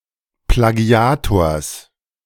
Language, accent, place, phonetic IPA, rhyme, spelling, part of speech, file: German, Germany, Berlin, [plaˈɡi̯aːtoːɐ̯s], -aːtoːɐ̯s, Plagiators, noun, De-Plagiators.ogg
- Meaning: genitive of Plagiator